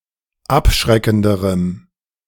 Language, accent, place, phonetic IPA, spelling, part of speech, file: German, Germany, Berlin, [ˈapˌʃʁɛkn̩dəʁəm], abschreckenderem, adjective, De-abschreckenderem.ogg
- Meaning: strong dative masculine/neuter singular comparative degree of abschreckend